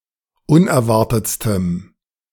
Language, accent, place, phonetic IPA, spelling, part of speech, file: German, Germany, Berlin, [ˈʊnɛɐ̯ˌvaʁtət͡stəm], unerwartetstem, adjective, De-unerwartetstem.ogg
- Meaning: strong dative masculine/neuter singular superlative degree of unerwartet